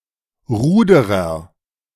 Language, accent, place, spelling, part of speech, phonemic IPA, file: German, Germany, Berlin, Ruderer, noun, /ˈʁuːdəʁɐ/, De-Ruderer.ogg
- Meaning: agent noun of rudern; oarsman; rower; canoeist; sculler